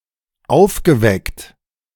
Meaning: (verb) past participle of aufwecken; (adjective) bright, clever
- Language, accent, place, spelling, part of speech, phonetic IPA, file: German, Germany, Berlin, aufgeweckt, adjective / verb, [ˈaʊ̯fɡəˌvɛkt], De-aufgeweckt.ogg